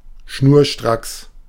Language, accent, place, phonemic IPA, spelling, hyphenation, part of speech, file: German, Germany, Berlin, /ʃnuːɐ̯ˈʃtʁaks/, schnurstracks, schnur‧stracks, adverb, De-schnurstracks.ogg
- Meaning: straightway, straight, directly (going somewhere immediately and by the shortest way possible)